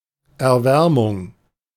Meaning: warming
- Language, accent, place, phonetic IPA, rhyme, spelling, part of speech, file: German, Germany, Berlin, [ɛɐ̯ˈvɛʁmʊŋ], -ɛʁmʊŋ, Erwärmung, noun, De-Erwärmung.ogg